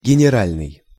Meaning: general
- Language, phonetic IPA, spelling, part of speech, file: Russian, [ɡʲɪnʲɪˈralʲnɨj], генеральный, adjective, Ru-генеральный.ogg